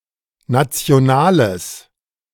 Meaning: strong/mixed nominative/accusative neuter singular of national
- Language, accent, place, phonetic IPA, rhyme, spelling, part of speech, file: German, Germany, Berlin, [ˌnat͡si̯oˈnaːləs], -aːləs, nationales, adjective, De-nationales.ogg